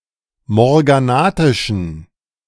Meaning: inflection of morganatisch: 1. strong genitive masculine/neuter singular 2. weak/mixed genitive/dative all-gender singular 3. strong/weak/mixed accusative masculine singular 4. strong dative plural
- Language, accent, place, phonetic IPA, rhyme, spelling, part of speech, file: German, Germany, Berlin, [mɔʁɡaˈnaːtɪʃn̩], -aːtɪʃn̩, morganatischen, adjective, De-morganatischen.ogg